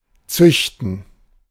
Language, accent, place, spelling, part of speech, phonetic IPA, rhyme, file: German, Germany, Berlin, züchten, verb, [ˈt͡sʏçtn̩], -ʏçtn̩, De-züchten.ogg
- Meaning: to breed (to guide the reproduction of one's animals or plants, especially in order to develop, strengthen or maintain specific features in them)